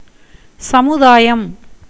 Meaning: 1. society 2. community, company, assembly 3. collection, as of things 4. managing committee of a temple 5. that which is public, common to all
- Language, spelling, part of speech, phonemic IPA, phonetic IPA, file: Tamil, சமுதாயம், noun, /tʃɐmʊd̪ɑːjɐm/, [sɐmʊd̪äːjɐm], Ta-சமுதாயம்.ogg